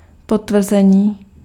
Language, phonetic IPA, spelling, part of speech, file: Czech, [ˈpotvr̩zɛɲiː], potvrzení, noun, Cs-potvrzení.ogg
- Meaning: 1. verbal noun of potvrdit 2. confirmation